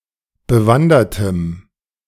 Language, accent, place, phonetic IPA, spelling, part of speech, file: German, Germany, Berlin, [bəˈvandɐtəm], bewandertem, adjective, De-bewandertem.ogg
- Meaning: strong dative masculine/neuter singular of bewandert